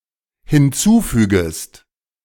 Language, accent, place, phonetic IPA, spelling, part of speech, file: German, Germany, Berlin, [hɪnˈt͡suːˌfyːɡəst], hinzufügest, verb, De-hinzufügest.ogg
- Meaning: second-person singular dependent subjunctive I of hinzufügen